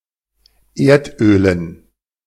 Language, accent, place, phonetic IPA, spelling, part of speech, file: German, Germany, Berlin, [ˈeːɐ̯tˌʔøːlən], Erdölen, noun, De-Erdölen.ogg
- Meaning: dative plural of Erdöl